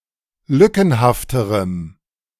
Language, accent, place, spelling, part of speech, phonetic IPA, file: German, Germany, Berlin, lückenhafterem, adjective, [ˈlʏkn̩haftəʁəm], De-lückenhafterem.ogg
- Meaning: strong dative masculine/neuter singular comparative degree of lückenhaft